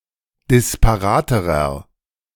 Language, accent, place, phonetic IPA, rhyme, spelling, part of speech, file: German, Germany, Berlin, [dɪspaˈʁaːtəʁɐ], -aːtəʁɐ, disparaterer, adjective, De-disparaterer.ogg
- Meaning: inflection of disparat: 1. strong/mixed nominative masculine singular comparative degree 2. strong genitive/dative feminine singular comparative degree 3. strong genitive plural comparative degree